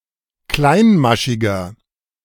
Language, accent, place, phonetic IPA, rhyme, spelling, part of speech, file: German, Germany, Berlin, [ˈklaɪ̯nˌmaʃɪɡɐ], -aɪ̯nmaʃɪɡɐ, kleinmaschiger, adjective, De-kleinmaschiger.ogg
- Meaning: 1. comparative degree of kleinmaschig 2. inflection of kleinmaschig: strong/mixed nominative masculine singular 3. inflection of kleinmaschig: strong genitive/dative feminine singular